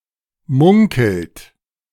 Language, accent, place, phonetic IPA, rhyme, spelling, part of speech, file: German, Germany, Berlin, [ˈmʊŋkl̩t], -ʊŋkl̩t, munkelt, verb, De-munkelt.ogg
- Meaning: inflection of munkeln: 1. second-person plural present 2. third-person singular present 3. plural imperative